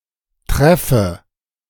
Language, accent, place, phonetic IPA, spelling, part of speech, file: German, Germany, Berlin, [ˈtʁɛfə], treffe, verb, De-treffe.ogg
- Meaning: inflection of treffen: 1. first-person singular present 2. first/third-person singular subjunctive I